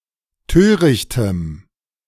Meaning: strong dative masculine/neuter singular of töricht
- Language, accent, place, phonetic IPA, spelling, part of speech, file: German, Germany, Berlin, [ˈtøːʁɪçtəm], törichtem, adjective, De-törichtem.ogg